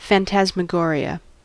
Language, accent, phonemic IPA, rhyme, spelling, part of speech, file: English, US, /ˌfæntæzməˈɡɔːɹi.ə/, -ɔːɹiə, phantasmagoria, noun, En-us-phantasmagoria.ogg
- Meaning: 1. A popular 18th- and 19th-century form of theater entertainment whereby ghostly apparitions are formed 2. A series of events involving rapid changes in light intensity and color